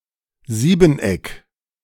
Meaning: heptagon
- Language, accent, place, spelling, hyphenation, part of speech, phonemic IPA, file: German, Germany, Berlin, Siebeneck, Sieben‧eck, noun, /ˈziːbənˌ.ɛk/, De-Siebeneck.ogg